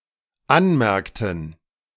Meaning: inflection of anmerken: 1. first/third-person plural dependent preterite 2. first/third-person plural dependent subjunctive II
- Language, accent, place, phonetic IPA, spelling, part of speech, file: German, Germany, Berlin, [ˈanˌmɛʁktn̩], anmerkten, verb, De-anmerkten.ogg